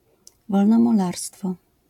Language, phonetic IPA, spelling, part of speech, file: Polish, [ˌvɔlnɔ̃muˈlarstfɔ], wolnomularstwo, noun, LL-Q809 (pol)-wolnomularstwo.wav